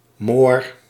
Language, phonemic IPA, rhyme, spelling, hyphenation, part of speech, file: Dutch, /moːr/, -oːr, Moor, Moor, noun, Nl-Moor.ogg
- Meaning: 1. a Moor (member of a Berber people from western North Africa, also ruling parts of Spain during the Middle Ages) 2. a black person, a negro